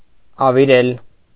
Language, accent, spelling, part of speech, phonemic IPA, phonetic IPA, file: Armenian, Eastern Armenian, ավիրել, verb, /ɑviˈɾel/, [ɑviɾél], Hy-ավիրել.ogg
- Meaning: alternative form of ավերել (averel)